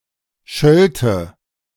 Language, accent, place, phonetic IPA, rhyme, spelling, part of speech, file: German, Germany, Berlin, [ˈʃœltə], -œltə, schölte, verb, De-schölte.ogg
- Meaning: first/third-person singular subjunctive II of schelten